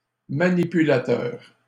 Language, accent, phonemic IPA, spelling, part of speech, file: French, Canada, /ma.ni.py.la.tœʁ/, manipulateur, noun, LL-Q150 (fra)-manipulateur.wav
- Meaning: 1. technician, operator 2. someone who is manipulative, a puppeteer 3. telegraph key